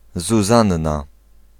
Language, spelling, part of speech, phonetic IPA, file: Polish, Zuzanna, proper noun, [zuˈzãnːa], Pl-Zuzanna.ogg